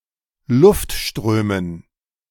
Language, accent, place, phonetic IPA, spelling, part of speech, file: German, Germany, Berlin, [ˈlʊftˌʃtʁøːmən], Luftströmen, noun, De-Luftströmen.ogg
- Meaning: dative plural of Luftstrom